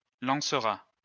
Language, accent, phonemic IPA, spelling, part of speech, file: French, France, /lɑ̃.sʁa/, lancera, verb, LL-Q150 (fra)-lancera.wav
- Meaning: third-person singular future of lancer